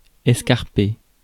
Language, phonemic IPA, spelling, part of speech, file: French, /ɛs.kaʁ.pe/, escarpé, adjective / verb, Fr-escarpé.ogg
- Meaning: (adjective) steep (near-vertical); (verb) past participle of escarper